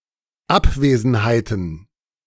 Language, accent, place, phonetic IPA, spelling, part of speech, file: German, Germany, Berlin, [ˈapˌveːzn̩haɪ̯tn̩], Abwesenheiten, noun, De-Abwesenheiten.ogg
- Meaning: plural of Abwesenheit